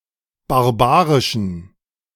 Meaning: inflection of barbarisch: 1. strong genitive masculine/neuter singular 2. weak/mixed genitive/dative all-gender singular 3. strong/weak/mixed accusative masculine singular 4. strong dative plural
- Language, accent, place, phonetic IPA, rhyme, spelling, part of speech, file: German, Germany, Berlin, [baʁˈbaːʁɪʃn̩], -aːʁɪʃn̩, barbarischen, adjective, De-barbarischen.ogg